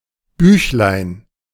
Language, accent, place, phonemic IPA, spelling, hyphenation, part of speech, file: German, Germany, Berlin, /ˈbyːçlaɪ̯n/, Büchlein, Büch‧lein, noun, De-Büchlein.ogg
- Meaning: diminutive of Buch